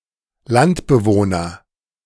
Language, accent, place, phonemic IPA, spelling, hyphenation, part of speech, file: German, Germany, Berlin, /ˈlantbəˌvoːnɐ/, Landbewohner, Land‧be‧woh‧ner, noun, De-Landbewohner.ogg
- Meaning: A country person (male or of unspecified gender)